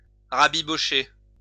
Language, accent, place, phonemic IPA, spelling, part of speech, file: French, France, Lyon, /ʁa.bi.bɔ.ʃe/, rabibocher, verb, LL-Q150 (fra)-rabibocher.wav
- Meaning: 1. to patch up, fix something somehow 2. to reconcile